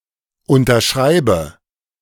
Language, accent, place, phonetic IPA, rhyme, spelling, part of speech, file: German, Germany, Berlin, [ˌʊntɐˈʃʁaɪ̯bə], -aɪ̯bə, unterschreibe, verb, De-unterschreibe.ogg
- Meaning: inflection of unterschreiben: 1. first-person singular present 2. first/third-person singular subjunctive I 3. singular imperative